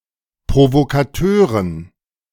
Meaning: dative plural of Provokateur
- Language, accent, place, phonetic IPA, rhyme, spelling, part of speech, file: German, Germany, Berlin, [pʁovokaˈtøːʁən], -øːʁən, Provokateuren, noun, De-Provokateuren.ogg